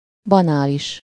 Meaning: banal
- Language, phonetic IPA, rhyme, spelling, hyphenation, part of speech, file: Hungarian, [ˈbɒnaːliʃ], -iʃ, banális, ba‧ná‧lis, adjective, Hu-banális.ogg